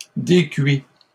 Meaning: inflection of décuire: 1. first/second-person singular present indicative 2. second-person singular imperative
- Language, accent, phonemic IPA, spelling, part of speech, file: French, Canada, /de.kɥi/, décuis, verb, LL-Q150 (fra)-décuis.wav